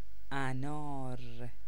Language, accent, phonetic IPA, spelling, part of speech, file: Persian, Iran, [ʔæ.nɒ́ːɹ], انار, noun, Fa-انار.ogg
- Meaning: pomegranate